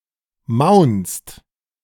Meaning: inflection of maunzen: 1. second-person singular/plural present 2. third-person singular present 3. plural imperative
- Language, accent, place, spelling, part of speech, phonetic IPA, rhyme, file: German, Germany, Berlin, maunzt, verb, [maʊ̯nt͡st], -aʊ̯nt͡st, De-maunzt.ogg